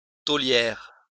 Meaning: female equivalent of tôlier
- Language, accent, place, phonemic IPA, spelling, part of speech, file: French, France, Lyon, /to.ljɛʁ/, tôlière, noun, LL-Q150 (fra)-tôlière.wav